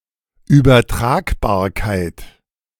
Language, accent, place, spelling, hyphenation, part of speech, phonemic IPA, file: German, Germany, Berlin, Übertragbarkeit, Über‧trag‧bar‧keit, noun, /yːbɐˈtʁaːkbaːɐ̯kaɪ̯t/, De-Übertragbarkeit.ogg
- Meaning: transferability